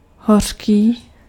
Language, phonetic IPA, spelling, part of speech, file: Czech, [ˈɦor̝̊kiː], hořký, adjective, Cs-hořký.ogg
- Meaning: bitter